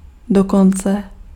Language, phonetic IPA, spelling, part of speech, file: Czech, [ˈdokont͡sɛ], dokonce, adverb, Cs-dokonce.ogg
- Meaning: even